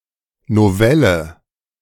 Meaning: 1. novella (a short novel) 2. amendment (correction or addition to a law)
- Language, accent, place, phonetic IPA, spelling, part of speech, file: German, Germany, Berlin, [noˈvɛlə], Novelle, noun, De-Novelle.ogg